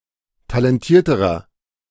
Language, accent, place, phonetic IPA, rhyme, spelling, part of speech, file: German, Germany, Berlin, [talɛnˈtiːɐ̯təʁɐ], -iːɐ̯təʁɐ, talentierterer, adjective, De-talentierterer.ogg
- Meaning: inflection of talentiert: 1. strong/mixed nominative masculine singular comparative degree 2. strong genitive/dative feminine singular comparative degree 3. strong genitive plural comparative degree